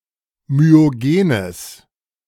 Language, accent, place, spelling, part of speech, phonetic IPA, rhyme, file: German, Germany, Berlin, myogenes, adjective, [myoˈɡeːnəs], -eːnəs, De-myogenes.ogg
- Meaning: strong/mixed nominative/accusative neuter singular of myogen